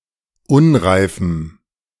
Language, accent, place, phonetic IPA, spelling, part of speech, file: German, Germany, Berlin, [ˈʊnʁaɪ̯fm̩], unreifem, adjective, De-unreifem.ogg
- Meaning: strong dative masculine/neuter singular of unreif